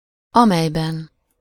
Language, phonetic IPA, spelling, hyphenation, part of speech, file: Hungarian, [ˈɒmɛjbɛn], amelyben, amely‧ben, pronoun, Hu-amelyben.ogg
- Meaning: inessive singular of amely